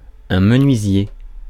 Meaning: carpenter, joiner
- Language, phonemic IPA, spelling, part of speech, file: French, /mə.nɥi.zje/, menuisier, noun, Fr-menuisier.ogg